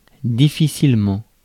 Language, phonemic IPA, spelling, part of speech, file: French, /di.fi.sil.mɑ̃/, difficilement, adverb, Fr-difficilement.ogg
- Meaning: with difficulty; difficultly